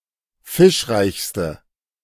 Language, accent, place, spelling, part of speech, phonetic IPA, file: German, Germany, Berlin, fischreichste, adjective, [ˈfɪʃˌʁaɪ̯çstə], De-fischreichste.ogg
- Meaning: inflection of fischreich: 1. strong/mixed nominative/accusative feminine singular superlative degree 2. strong nominative/accusative plural superlative degree